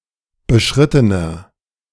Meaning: inflection of beschritten: 1. strong/mixed nominative masculine singular 2. strong genitive/dative feminine singular 3. strong genitive plural
- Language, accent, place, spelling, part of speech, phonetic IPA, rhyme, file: German, Germany, Berlin, beschrittener, adjective, [bəˈʃʁɪtənɐ], -ɪtənɐ, De-beschrittener.ogg